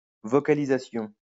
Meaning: vocalization
- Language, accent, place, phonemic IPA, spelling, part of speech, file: French, France, Lyon, /vɔ.ka.li.za.sjɔ̃/, vocalisation, noun, LL-Q150 (fra)-vocalisation.wav